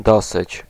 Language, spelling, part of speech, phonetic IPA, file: Polish, dosyć, numeral / interjection, [ˈdɔsɨt͡ɕ], Pl-dosyć.ogg